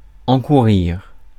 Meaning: 1. to incur (to expose oneself to something inconvenient) 2. to run [the risk], to bring upon (something unfavourable)
- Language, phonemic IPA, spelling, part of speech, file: French, /ɑ̃.ku.ʁiʁ/, encourir, verb, Fr-encourir.ogg